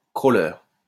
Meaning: 1. to swim using the crawl stroke 2. to spider
- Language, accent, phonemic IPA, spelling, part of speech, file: French, France, /kʁo.le/, crawler, verb, LL-Q150 (fra)-crawler.wav